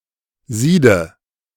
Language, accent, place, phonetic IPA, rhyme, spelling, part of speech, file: German, Germany, Berlin, [ˈziːdn̩t], -iːdn̩t, siedend, verb, De-siedend.ogg
- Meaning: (verb) present participle of sieden; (adjective) boiling, simmering, seething